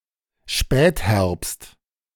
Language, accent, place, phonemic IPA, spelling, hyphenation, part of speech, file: German, Germany, Berlin, /ˈʃpɛːtˌhɛʁpst/, Spätherbst, Spät‧herbst, noun, De-Spätherbst.ogg
- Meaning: late autumn, late fall